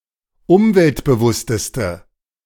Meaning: inflection of umweltbewusst: 1. strong/mixed nominative/accusative feminine singular superlative degree 2. strong nominative/accusative plural superlative degree
- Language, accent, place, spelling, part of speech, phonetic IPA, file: German, Germany, Berlin, umweltbewussteste, adjective, [ˈʊmvɛltbəˌvʊstəstə], De-umweltbewussteste.ogg